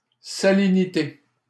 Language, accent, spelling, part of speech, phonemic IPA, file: French, Canada, salinité, noun, /sa.li.ni.te/, LL-Q150 (fra)-salinité.wav
- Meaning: salinity, saltiness